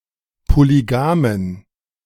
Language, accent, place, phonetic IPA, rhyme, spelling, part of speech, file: German, Germany, Berlin, [poliˈɡaːmən], -aːmən, polygamen, adjective, De-polygamen.ogg
- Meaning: inflection of polygam: 1. strong genitive masculine/neuter singular 2. weak/mixed genitive/dative all-gender singular 3. strong/weak/mixed accusative masculine singular 4. strong dative plural